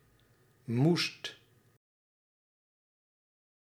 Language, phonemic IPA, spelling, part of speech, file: Dutch, /must/, moest, verb / adjective, Nl-moest.ogg
- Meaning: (verb) singular past indicative of moeten; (adjective) superlative degree of moe